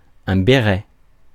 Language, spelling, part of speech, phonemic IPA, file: French, béret, noun, /be.ʁɛ/, Fr-béret.ogg
- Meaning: beret